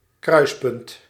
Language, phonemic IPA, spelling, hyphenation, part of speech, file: Dutch, /ˈkrœy̯spʏnt/, kruispunt, kruis‧punt, noun, Nl-kruispunt.ogg
- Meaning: 1. intersection of lines 2. crossroads